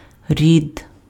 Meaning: 1. gender 2. family, kin 3. tribe 4. clan 5. genus 6. generation
- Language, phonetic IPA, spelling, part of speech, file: Ukrainian, [rʲid], рід, noun, Uk-рід.ogg